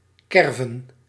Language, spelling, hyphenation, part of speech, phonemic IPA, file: Dutch, kerven, ker‧ven, verb / noun, /ˈkɛr.və(n)/, Nl-kerven.ogg
- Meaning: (verb) 1. to cut, gouge out 2. to carve (out); (cut a) notch; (noun) plural of kerf